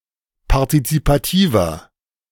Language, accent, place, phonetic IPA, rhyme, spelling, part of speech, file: German, Germany, Berlin, [paʁtit͡sipaˈtiːvɐ], -iːvɐ, partizipativer, adjective, De-partizipativer.ogg
- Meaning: inflection of partizipativ: 1. strong/mixed nominative masculine singular 2. strong genitive/dative feminine singular 3. strong genitive plural